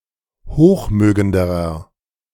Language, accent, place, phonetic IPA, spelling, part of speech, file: German, Germany, Berlin, [ˈhoːxˌmøːɡəndəʁɐ], hochmögenderer, adjective, De-hochmögenderer.ogg
- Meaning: inflection of hochmögend: 1. strong/mixed nominative masculine singular comparative degree 2. strong genitive/dative feminine singular comparative degree 3. strong genitive plural comparative degree